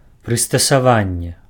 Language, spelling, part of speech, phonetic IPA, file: Belarusian, прыстасаванне, noun, [prɨstasaˈvanʲːe], Be-прыстасаванне.ogg
- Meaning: device, mechanism